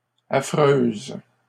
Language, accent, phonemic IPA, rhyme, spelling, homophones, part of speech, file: French, Canada, /a.fʁøz/, -øz, affreuse, affreuses, adjective, LL-Q150 (fra)-affreuse.wav
- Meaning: feminine singular of affreux